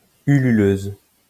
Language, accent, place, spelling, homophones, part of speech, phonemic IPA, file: French, France, Lyon, hululeuse, hululeuses, adjective, /y.ly.løz/, LL-Q150 (fra)-hululeuse.wav
- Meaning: feminine singular of hululeur